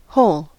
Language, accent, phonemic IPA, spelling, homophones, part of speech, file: English, General American, /hoʊl/, whole, hole, adjective / adverb / noun, En-us-whole.ogg
- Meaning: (adjective) 1. Entire, undivided 2. Entire, undivided.: Used as an intensifier 3. Sound, uninjured, healthy 4. From which none of its constituents has been removed 5. As yet unworked